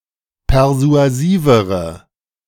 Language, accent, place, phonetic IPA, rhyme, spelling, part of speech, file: German, Germany, Berlin, [pɛʁzu̯aˈziːvəʁə], -iːvəʁə, persuasivere, adjective, De-persuasivere.ogg
- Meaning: inflection of persuasiv: 1. strong/mixed nominative/accusative feminine singular comparative degree 2. strong nominative/accusative plural comparative degree